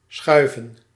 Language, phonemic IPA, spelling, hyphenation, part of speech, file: Dutch, /ˈsxœy̯və(n)/, schuiven, schui‧ven, verb / noun, Nl-schuiven.ogg
- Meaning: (verb) 1. to slide 2. to shove 3. to yield, make money, to earn money (for someone) 4. to smoke; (noun) plural of schuif